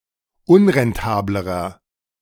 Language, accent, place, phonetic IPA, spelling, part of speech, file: German, Germany, Berlin, [ˈʊnʁɛnˌtaːbləʁɐ], unrentablerer, adjective, De-unrentablerer.ogg
- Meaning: inflection of unrentabel: 1. strong/mixed nominative masculine singular comparative degree 2. strong genitive/dative feminine singular comparative degree 3. strong genitive plural comparative degree